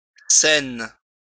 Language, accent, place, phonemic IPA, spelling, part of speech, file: French, France, Lyon, /sɛn/, cène, noun, LL-Q150 (fra)-cène.wav
- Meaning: 1. alternative form of Cène 2. meal taken together